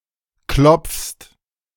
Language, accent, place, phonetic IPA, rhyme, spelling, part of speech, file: German, Germany, Berlin, [klɔp͡fst], -ɔp͡fst, klopfst, verb, De-klopfst.ogg
- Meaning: second-person singular present of klopfen